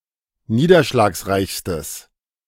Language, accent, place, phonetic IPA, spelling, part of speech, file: German, Germany, Berlin, [ˈniːdɐʃlaːksˌʁaɪ̯çstəs], niederschlagsreichstes, adjective, De-niederschlagsreichstes.ogg
- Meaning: strong/mixed nominative/accusative neuter singular superlative degree of niederschlagsreich